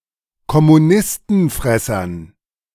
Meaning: dative plural of Kommunistenfresser
- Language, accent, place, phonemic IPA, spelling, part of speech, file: German, Germany, Berlin, /kɔmuˈnɪstn̩ˌfʁɛsɐn/, Kommunistenfressern, noun, De-Kommunistenfressern.ogg